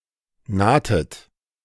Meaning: inflection of nahen: 1. second-person plural preterite 2. second-person plural subjunctive II
- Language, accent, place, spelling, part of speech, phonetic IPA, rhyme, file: German, Germany, Berlin, nahtet, verb, [ˈnaːtət], -aːtət, De-nahtet.ogg